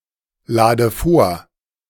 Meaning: inflection of vorladen: 1. first-person singular present 2. first/third-person singular subjunctive I 3. singular imperative
- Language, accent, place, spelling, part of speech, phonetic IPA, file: German, Germany, Berlin, lade vor, verb, [ˌlaːdə ˈfoːɐ̯], De-lade vor.ogg